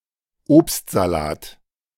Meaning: fruit salad
- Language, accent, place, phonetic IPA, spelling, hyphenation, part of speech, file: German, Germany, Berlin, [ˈʔoːp.saˌlaːt], Obstsalat, Obst‧sa‧lat, noun, De-Obstsalat.ogg